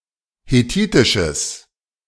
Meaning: strong/mixed nominative/accusative neuter singular of hethitisch
- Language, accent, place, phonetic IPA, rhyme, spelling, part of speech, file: German, Germany, Berlin, [heˈtiːtɪʃəs], -iːtɪʃəs, hethitisches, adjective, De-hethitisches.ogg